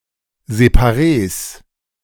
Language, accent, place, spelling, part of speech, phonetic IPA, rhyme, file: German, Germany, Berlin, Separees, noun, [zepaˈʁeːs], -eːs, De-Separees.ogg
- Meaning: plural of Separee